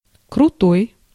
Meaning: 1. steep 2. abrupt, sharp 3. drastic 4. thick 5. tough; strong 6. important 7. cool, excellent
- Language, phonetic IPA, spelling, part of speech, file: Russian, [krʊˈtoj], крутой, adjective, Ru-крутой.ogg